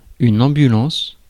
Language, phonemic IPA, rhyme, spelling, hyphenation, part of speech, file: French, /ɑ̃.by.lɑ̃s/, -ɑ̃s, ambulance, am‧bu‧lance, noun, Fr-ambulance.ogg
- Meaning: ambulance (emergency vehicle)